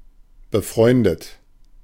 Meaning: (verb) past participle of befreunden; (adjective) friendly, friends
- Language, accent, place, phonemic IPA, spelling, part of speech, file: German, Germany, Berlin, /bəˈfʁɔɪ̯ndət/, befreundet, verb / adjective, De-befreundet.ogg